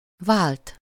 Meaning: 1. to change, replace, exchange (to supply or substitute an equivalent for) 2. to change (to make something into something different) 3. to exchange, switch, trade (objects, words, etc.)
- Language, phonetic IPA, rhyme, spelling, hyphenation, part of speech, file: Hungarian, [ˈvaːlt], -aːlt, vált, vált, verb, Hu-vált.ogg